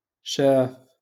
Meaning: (verb) to see (to perceive with the eyes); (noun) boss, manager
- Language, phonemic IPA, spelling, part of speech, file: Moroccan Arabic, /ʃaːf/, شاف, verb / noun, LL-Q56426 (ary)-شاف.wav